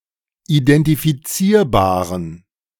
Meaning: inflection of identifizierbar: 1. strong genitive masculine/neuter singular 2. weak/mixed genitive/dative all-gender singular 3. strong/weak/mixed accusative masculine singular 4. strong dative plural
- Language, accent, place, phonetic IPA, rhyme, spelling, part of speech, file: German, Germany, Berlin, [idɛntifiˈt͡siːɐ̯baːʁən], -iːɐ̯baːʁən, identifizierbaren, adjective, De-identifizierbaren.ogg